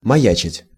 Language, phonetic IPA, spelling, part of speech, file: Russian, [mɐˈjæt͡ɕɪtʲ], маячить, verb, Ru-маячить.ogg
- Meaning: 1. to loom, to appear indistinctly 2. to hang around, to linger 3. to be in the offing, to loom ahead